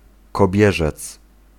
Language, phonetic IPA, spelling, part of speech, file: Polish, [kɔˈbʲjɛʒɛt͡s], kobierzec, noun, Pl-kobierzec.ogg